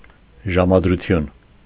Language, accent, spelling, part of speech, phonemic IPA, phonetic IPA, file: Armenian, Eastern Armenian, ժամադրություն, noun, /ʒɑmɑdɾuˈtʰjun/, [ʒɑmɑdɾut͡sʰjún], Hy-ժամադրություն.ogg
- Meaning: appointment; meeting; date